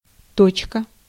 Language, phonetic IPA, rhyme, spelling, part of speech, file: Russian, [ˈtot͡ɕkə], -ot͡ɕkə, точка, noun / interjection, Ru-точка.ogg
- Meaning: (noun) 1. period, dot, full stop 2. point 3. dot, (for Morse code; colloquially dit) 4. pixel; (interjection) enough!